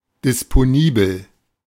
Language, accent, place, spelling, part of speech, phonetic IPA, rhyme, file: German, Germany, Berlin, disponibel, adjective, [dɪspoˈniːbl̩], -iːbl̩, De-disponibel.ogg
- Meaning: available (ready for use)